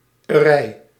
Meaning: 1. an activity 2. a place associated with an activity or profession 3. a place containing a collection, class or group
- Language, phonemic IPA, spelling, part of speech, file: Dutch, /əˈrɛi̯/, -erij, suffix, Nl--erij.ogg